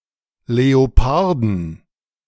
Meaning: plural of Leopard
- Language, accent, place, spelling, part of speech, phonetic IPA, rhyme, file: German, Germany, Berlin, Leoparden, noun, [leoˈpaʁdn̩], -aʁdn̩, De-Leoparden.ogg